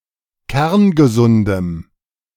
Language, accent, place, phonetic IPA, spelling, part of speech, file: German, Germany, Berlin, [ˈkɛʁnɡəˌzʊndəm], kerngesundem, adjective, De-kerngesundem.ogg
- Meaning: strong dative masculine/neuter singular of kerngesund